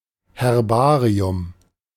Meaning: herbarium
- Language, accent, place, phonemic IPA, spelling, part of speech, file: German, Germany, Berlin, /hɛʁˈbaːʁi̯ʊm/, Herbarium, noun, De-Herbarium.ogg